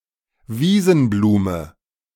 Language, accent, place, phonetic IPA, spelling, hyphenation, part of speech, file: German, Germany, Berlin, [ˈviːzn̩ˌbluːmə], Wiesenblume, Wie‧sen‧blu‧me, noun, De-Wiesenblume.ogg
- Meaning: meadow flower